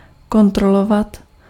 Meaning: 1. to check; to check for 2. to control
- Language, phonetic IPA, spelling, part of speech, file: Czech, [ˈkontrolovat], kontrolovat, verb, Cs-kontrolovat.ogg